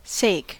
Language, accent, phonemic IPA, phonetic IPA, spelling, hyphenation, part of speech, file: English, US, /ˈseɪ̯k/, [ˈseɪ̯k], sake, sake, noun, En-us-sake.ogg
- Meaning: 1. Cause, interest or account 2. Purpose or end; reason 3. The benefit or regard of someone or something 4. Contention, strife; guilt, sin, accusation or charge